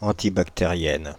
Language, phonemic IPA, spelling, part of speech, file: French, /ɑ̃.ti.bak.te.ʁjɛn/, antibactérienne, adjective, Fr-antibactérienne.ogg
- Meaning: feminine singular of antibactérien